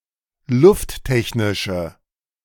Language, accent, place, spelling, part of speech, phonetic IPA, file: German, Germany, Berlin, lufttechnische, adjective, [ˈlʊftˌtɛçnɪʃə], De-lufttechnische.ogg
- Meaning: inflection of lufttechnisch: 1. strong/mixed nominative/accusative feminine singular 2. strong nominative/accusative plural 3. weak nominative all-gender singular